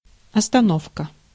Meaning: 1. stop, pause 2. break, pause 3. bus stop, stopping place
- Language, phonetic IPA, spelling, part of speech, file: Russian, [ɐstɐˈnofkə], остановка, noun, Ru-остановка.ogg